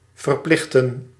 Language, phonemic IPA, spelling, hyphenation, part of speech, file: Dutch, /vərˈplɪxtə(n)/, verplichten, ver‧plich‧ten, verb, Nl-verplichten.ogg
- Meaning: 1. to oblige, compel, force 2. to affiliate, to unite